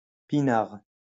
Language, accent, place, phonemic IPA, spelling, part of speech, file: French, France, Lyon, /pi.naʁ/, pinard, noun, LL-Q150 (fra)-pinard.wav
- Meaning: 1. plonk (cheap wine) 2. synonym of vin (any wine)